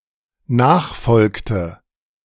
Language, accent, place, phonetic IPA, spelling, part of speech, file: German, Germany, Berlin, [ˈnaːxˌfɔlktə], nachfolgte, verb, De-nachfolgte.ogg
- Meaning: inflection of nachfolgen: 1. first/third-person singular dependent preterite 2. first/third-person singular dependent subjunctive II